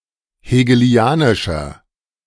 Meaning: 1. comparative degree of hegelianisch 2. inflection of hegelianisch: strong/mixed nominative masculine singular 3. inflection of hegelianisch: strong genitive/dative feminine singular
- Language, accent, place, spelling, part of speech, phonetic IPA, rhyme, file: German, Germany, Berlin, hegelianischer, adjective, [heːɡəˈli̯aːnɪʃɐ], -aːnɪʃɐ, De-hegelianischer.ogg